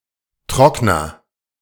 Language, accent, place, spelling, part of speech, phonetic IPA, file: German, Germany, Berlin, Trockner, noun, [ˈtʁɔk.nɐ], De-Trockner.ogg
- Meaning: 1. dryer, any appliance for drying things, e.g. a dehumidifier 2. short for Wäschetrockner (“dryer, clothes dryer”)